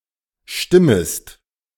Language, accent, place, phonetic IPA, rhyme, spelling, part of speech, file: German, Germany, Berlin, [ˈʃtɪməst], -ɪməst, stimmest, verb, De-stimmest.ogg
- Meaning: second-person singular subjunctive I of stimmen